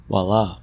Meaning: Lo, there it is; ta-da; presto; behold!
- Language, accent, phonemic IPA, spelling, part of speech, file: English, US, /(v)wɑˈlɑ/, voilà, interjection, En-us-voilà.ogg